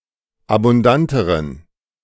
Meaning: inflection of abundant: 1. strong genitive masculine/neuter singular comparative degree 2. weak/mixed genitive/dative all-gender singular comparative degree
- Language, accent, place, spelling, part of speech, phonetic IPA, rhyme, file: German, Germany, Berlin, abundanteren, adjective, [abʊnˈdantəʁən], -antəʁən, De-abundanteren.ogg